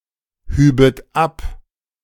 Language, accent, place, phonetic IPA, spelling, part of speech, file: German, Germany, Berlin, [ˌhyːbət ˈap], hübet ab, verb, De-hübet ab.ogg
- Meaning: second-person plural subjunctive II of abheben